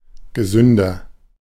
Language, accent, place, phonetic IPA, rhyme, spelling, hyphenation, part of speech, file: German, Germany, Berlin, [ɡəˈzʏndɐ], -ʏndɐ, gesünder, ge‧sün‧der, adjective, De-gesünder.ogg
- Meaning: comparative degree of gesund